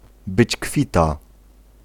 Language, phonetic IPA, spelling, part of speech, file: Polish, [ˈbɨt͡ɕ ˈkfʲita], być kwita, phrase, Pl-być kwita.ogg